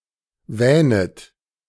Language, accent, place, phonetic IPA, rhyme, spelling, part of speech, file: German, Germany, Berlin, [ˈvɛːnət], -ɛːnət, wähnet, verb, De-wähnet.ogg
- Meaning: second-person plural subjunctive I of wähnen